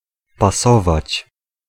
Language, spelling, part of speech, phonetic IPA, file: Polish, pasować, verb, [paˈsɔvat͡ɕ], Pl-pasować.ogg